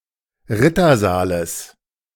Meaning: genitive singular of Rittersaal
- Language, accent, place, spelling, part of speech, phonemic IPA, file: German, Germany, Berlin, Rittersaales, noun, /ˈʁɪtɐˌzaːləs/, De-Rittersaales.ogg